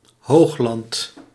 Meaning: highland
- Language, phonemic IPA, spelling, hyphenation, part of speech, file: Dutch, /ˈɦoːx.lɑnt/, hoogland, hoog‧land, noun, Nl-hoogland.ogg